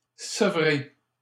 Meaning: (verb) past participle of sevrer; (adjective) weaned
- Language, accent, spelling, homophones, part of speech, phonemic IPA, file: French, Canada, sevré, sevrai / sevrée / sevrées / sevrer / sevrés / sevrez, verb / adjective, /sə.vʁe/, LL-Q150 (fra)-sevré.wav